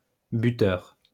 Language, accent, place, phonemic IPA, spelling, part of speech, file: French, France, Lyon, /by.tœʁ/, buteur, noun, LL-Q150 (fra)-buteur.wav
- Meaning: scorer, goalscorer